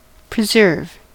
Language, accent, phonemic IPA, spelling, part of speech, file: English, US, /pɹəˈzɝv/, preserve, noun / verb, En-us-preserve.ogg
- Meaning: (noun) 1. A sweet spread made of any of a variety of fruits 2. A reservation, a nature preserve 3. An exclusive area of activity; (verb) To protect; to keep from harm or injury